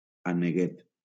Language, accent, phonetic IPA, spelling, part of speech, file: Catalan, Valencia, [a.neˈɣet], aneguet, noun, LL-Q7026 (cat)-aneguet.wav
- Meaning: duckling